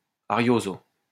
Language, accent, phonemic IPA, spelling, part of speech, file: French, France, /a.ʁjo.zo/, arioso, adverb, LL-Q150 (fra)-arioso.wav
- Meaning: in an arioso style